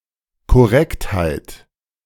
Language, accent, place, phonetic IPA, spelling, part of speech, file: German, Germany, Berlin, [kɔˈʁɛkthaɪ̯t], Korrektheit, noun, De-Korrektheit.ogg
- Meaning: correctness